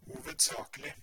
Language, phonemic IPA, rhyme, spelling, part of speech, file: Norwegian Bokmål, /huːʋədˈsɑːklɪ/, -ɪ, hovedsakelig, adverb, No-hovedsakelig.ogg
- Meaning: mainly, chiefly, primarily, predominantly